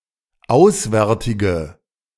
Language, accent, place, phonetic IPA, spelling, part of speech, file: German, Germany, Berlin, [ˈaʊ̯sˌvɛʁtɪɡə], auswärtige, adjective, De-auswärtige.ogg
- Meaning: inflection of auswärtig: 1. strong/mixed nominative/accusative feminine singular 2. strong nominative/accusative plural 3. weak nominative all-gender singular